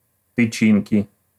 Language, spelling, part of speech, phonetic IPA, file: Russian, тычинки, noun, [tɨˈt͡ɕinkʲɪ], Ru-тычинки.ogg
- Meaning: inflection of тычи́нка (tyčínka): 1. genitive singular 2. nominative/accusative plural